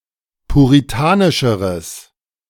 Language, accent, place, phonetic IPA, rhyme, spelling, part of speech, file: German, Germany, Berlin, [puʁiˈtaːnɪʃəʁəs], -aːnɪʃəʁəs, puritanischeres, adjective, De-puritanischeres.ogg
- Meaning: strong/mixed nominative/accusative neuter singular comparative degree of puritanisch